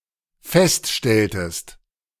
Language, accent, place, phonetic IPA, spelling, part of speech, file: German, Germany, Berlin, [ˈfɛstˌʃtɛltəst], feststelltest, verb, De-feststelltest.ogg
- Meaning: inflection of feststellen: 1. second-person singular dependent preterite 2. second-person singular dependent subjunctive II